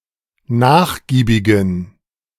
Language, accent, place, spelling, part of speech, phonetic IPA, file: German, Germany, Berlin, nachgiebigen, adjective, [ˈnaːxˌɡiːbɪɡn̩], De-nachgiebigen.ogg
- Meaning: inflection of nachgiebig: 1. strong genitive masculine/neuter singular 2. weak/mixed genitive/dative all-gender singular 3. strong/weak/mixed accusative masculine singular 4. strong dative plural